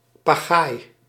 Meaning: a short oar with a broad blade
- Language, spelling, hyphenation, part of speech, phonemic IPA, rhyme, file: Dutch, pagaai, pa‧gaai, noun, /paːˈɣaːi̯/, -aːi̯, Nl-pagaai.ogg